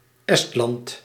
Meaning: Estonia (a country in northeastern Europe, on the southeastern coast of the Baltic Sea)
- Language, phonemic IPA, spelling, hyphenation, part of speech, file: Dutch, /ˈɛst.lɑnt/, Estland, Est‧land, proper noun, Nl-Estland.ogg